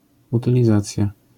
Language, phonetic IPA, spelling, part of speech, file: Polish, [ˌutɨlʲiˈzat͡sʲja], utylizacja, noun, LL-Q809 (pol)-utylizacja.wav